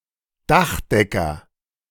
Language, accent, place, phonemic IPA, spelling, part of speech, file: German, Germany, Berlin, /ˈdaχˌdɛkɐ/, Dachdecker, noun, De-Dachdecker.ogg
- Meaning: tiler, roofer, slater, thatcher (male or of unspecified gender) (profession)